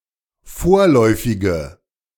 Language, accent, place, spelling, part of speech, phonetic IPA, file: German, Germany, Berlin, vorläufige, adjective, [ˈfoːɐ̯lɔɪ̯fɪɡə], De-vorläufige.ogg
- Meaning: inflection of vorläufig: 1. strong/mixed nominative/accusative feminine singular 2. strong nominative/accusative plural 3. weak nominative all-gender singular